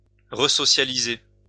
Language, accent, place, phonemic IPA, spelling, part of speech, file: French, France, Lyon, /ʁə.sɔ.sja.li.ze/, resocialiser, verb, LL-Q150 (fra)-resocialiser.wav
- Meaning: to resocialize